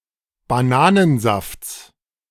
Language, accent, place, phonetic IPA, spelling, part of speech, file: German, Germany, Berlin, [baˈnaːnənˌzaft͡s], Bananensafts, noun, De-Bananensafts.ogg
- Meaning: genitive singular of Bananensaft